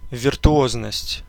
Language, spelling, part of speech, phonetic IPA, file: Russian, виртуозность, noun, [vʲɪrtʊˈoznəsʲtʲ], Ru-виртуозность.ogg
- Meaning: virtuosity